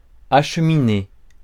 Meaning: 1. to transport; send (off) 2. to head (towards); head for; make one's way (to)
- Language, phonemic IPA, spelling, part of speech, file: French, /a.ʃ(ə).mi.ne/, acheminer, verb, Fr-acheminer.ogg